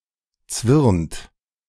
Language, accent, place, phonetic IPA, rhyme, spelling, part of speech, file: German, Germany, Berlin, [t͡svɪʁnt], -ɪʁnt, zwirnt, verb, De-zwirnt.ogg
- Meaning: inflection of zwirnen: 1. second-person plural present 2. third-person singular present 3. plural imperative